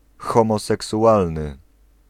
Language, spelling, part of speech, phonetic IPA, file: Polish, homoseksualny, adjective, [ˌxɔ̃mɔsɛksuˈʷalnɨ], Pl-homoseksualny.ogg